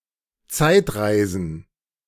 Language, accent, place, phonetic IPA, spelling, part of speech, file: German, Germany, Berlin, [ˈt͡saɪ̯tˌʁaɪ̯zn̩], Zeitreisen, noun, De-Zeitreisen.ogg
- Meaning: plural of Zeitreise